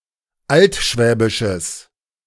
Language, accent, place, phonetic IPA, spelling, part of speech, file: German, Germany, Berlin, [ˈaltˌʃvɛːbɪʃəs], altschwäbisches, adjective, De-altschwäbisches.ogg
- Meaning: strong/mixed nominative/accusative neuter singular of altschwäbisch